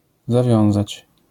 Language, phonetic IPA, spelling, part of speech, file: Polish, [zaˈvʲjɔ̃w̃zat͡ɕ], zawiązać, verb, LL-Q809 (pol)-zawiązać.wav